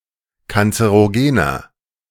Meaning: 1. comparative degree of kanzerogen 2. inflection of kanzerogen: strong/mixed nominative masculine singular 3. inflection of kanzerogen: strong genitive/dative feminine singular
- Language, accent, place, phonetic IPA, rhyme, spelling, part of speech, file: German, Germany, Berlin, [kant͡səʁoˈɡeːnɐ], -eːnɐ, kanzerogener, adjective, De-kanzerogener.ogg